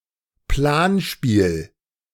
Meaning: 1. simulation game 2. war game
- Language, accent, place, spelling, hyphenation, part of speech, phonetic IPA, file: German, Germany, Berlin, Planspiel, Plan‧spiel, noun, [ˈplaːnˌʃpiːl], De-Planspiel.ogg